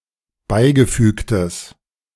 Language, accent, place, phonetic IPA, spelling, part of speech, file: German, Germany, Berlin, [ˈbaɪ̯ɡəˌfyːktəs], beigefügtes, adjective, De-beigefügtes.ogg
- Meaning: strong/mixed nominative/accusative neuter singular of beigefügt